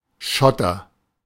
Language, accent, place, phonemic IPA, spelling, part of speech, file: German, Germany, Berlin, /ˈʃɔtɐ/, Schotter, noun, De-Schotter.ogg
- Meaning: 1. gravel 2. money